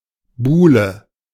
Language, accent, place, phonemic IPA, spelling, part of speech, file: German, Germany, Berlin, /ˈbuːlə/, Buhle, noun, De-Buhle.ogg
- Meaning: beloved, darling